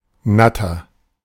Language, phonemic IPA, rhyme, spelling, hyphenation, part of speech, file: German, /ˈnatɐ/, -atɐ, Natter, Nat‧ter, noun, De-Natter.oga
- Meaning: snake of the colubrid family